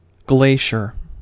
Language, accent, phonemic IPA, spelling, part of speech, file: English, US, /ˈɡleɪ.ʃɚ/, glacier, noun, En-us-glacier.ogg
- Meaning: 1. A large body of ice which flows under its own mass, usually downhill 2. An area of a mountain where snow is present year-round 3. Something that moves very slowly